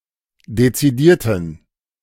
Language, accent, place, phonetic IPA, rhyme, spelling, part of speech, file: German, Germany, Berlin, [det͡siˈdiːɐ̯tn̩], -iːɐ̯tn̩, dezidierten, adjective, De-dezidierten.ogg
- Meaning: inflection of dezidiert: 1. strong genitive masculine/neuter singular 2. weak/mixed genitive/dative all-gender singular 3. strong/weak/mixed accusative masculine singular 4. strong dative plural